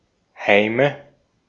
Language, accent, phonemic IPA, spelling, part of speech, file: German, Austria, /haɪ̯mə/, Heime, noun, De-at-Heime.ogg
- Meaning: nominative/accusative/genitive plural of Heim